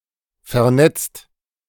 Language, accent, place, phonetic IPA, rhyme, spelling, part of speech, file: German, Germany, Berlin, [fɛɐ̯ˈnɛt͡st], -ɛt͡st, vernetzt, adjective / verb, De-vernetzt.ogg
- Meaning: 1. past participle of vernetzen 2. inflection of vernetzen: second/third-person singular present 3. inflection of vernetzen: second-person plural present 4. inflection of vernetzen: plural imperative